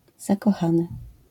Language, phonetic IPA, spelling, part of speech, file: Polish, [ˌzakɔˈxãnɨ], zakochany, verb / adjective / noun, LL-Q809 (pol)-zakochany.wav